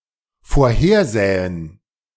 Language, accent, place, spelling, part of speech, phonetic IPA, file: German, Germany, Berlin, vorhersähen, verb, [foːɐ̯ˈheːɐ̯ˌzɛːən], De-vorhersähen.ogg
- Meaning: first/third-person plural dependent subjunctive II of vorhersehen